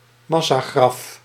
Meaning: mass grave
- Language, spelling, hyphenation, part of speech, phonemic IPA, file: Dutch, massagraf, mas‧sa‧graf, noun, /ˈmɑ.saːˌɣrɑf/, Nl-massagraf.ogg